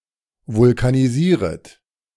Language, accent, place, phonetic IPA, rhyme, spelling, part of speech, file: German, Germany, Berlin, [vʊlkaniˈziːʁət], -iːʁət, vulkanisieret, verb, De-vulkanisieret.ogg
- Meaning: second-person plural subjunctive I of vulkanisieren